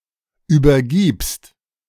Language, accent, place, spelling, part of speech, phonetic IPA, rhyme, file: German, Germany, Berlin, übergibst, verb, [ˌyːbɐˈɡiːpst], -iːpst, De-übergibst.ogg
- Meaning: second-person singular present of übergeben